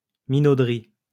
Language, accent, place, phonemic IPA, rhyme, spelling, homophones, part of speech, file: French, France, Lyon, /mi.no.dʁi/, -i, minauderie, minauderies, noun, LL-Q150 (fra)-minauderie.wav
- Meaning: affectation